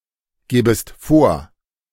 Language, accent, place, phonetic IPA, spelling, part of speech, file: German, Germany, Berlin, [ˌɡeːbəst ˈfoːɐ̯], gebest vor, verb, De-gebest vor.ogg
- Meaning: second-person singular subjunctive I of vorgeben